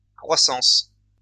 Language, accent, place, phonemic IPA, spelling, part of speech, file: French, France, Lyon, /kʁwa.sɑ̃s/, croissances, noun, LL-Q150 (fra)-croissances.wav
- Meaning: plural of croissance